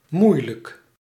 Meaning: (adjective) hard, difficult; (adverb) used as an intensifier; incredibly, extremely
- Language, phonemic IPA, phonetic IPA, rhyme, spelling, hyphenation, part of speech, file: Dutch, /ˈmui̯.lək/, [ˈmu.lək], -ui̯lək, moeilijk, moei‧lijk, adjective / adverb, Nl-moeilijk.ogg